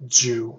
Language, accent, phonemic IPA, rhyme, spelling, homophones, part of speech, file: English, US, /d͡ʒuː/, -uː, Jew, dew, noun / proper noun / adjective / verb, En-us-Jew.oga
- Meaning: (noun) 1. An adherent of Judaism 2. A member or descendant of the Jewish people 3. A miserly or greedy person; a cheapskate 4. A ship's tailor; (proper noun) A surname; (adjective) Jewish